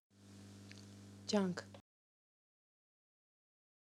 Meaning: effort
- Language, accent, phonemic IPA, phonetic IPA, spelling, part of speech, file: Armenian, Eastern Armenian, /d͡ʒɑnkʰ/, [d͡ʒɑŋkʰ], ջանք, noun, Hy-ջանք.ogg